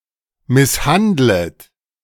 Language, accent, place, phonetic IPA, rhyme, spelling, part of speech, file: German, Germany, Berlin, [ˌmɪsˈhandlət], -andlət, misshandlet, verb, De-misshandlet.ogg
- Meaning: second-person plural subjunctive I of misshandeln